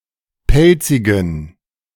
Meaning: inflection of pelzig: 1. strong genitive masculine/neuter singular 2. weak/mixed genitive/dative all-gender singular 3. strong/weak/mixed accusative masculine singular 4. strong dative plural
- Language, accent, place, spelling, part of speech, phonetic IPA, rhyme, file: German, Germany, Berlin, pelzigen, adjective, [ˈpɛlt͡sɪɡn̩], -ɛlt͡sɪɡn̩, De-pelzigen.ogg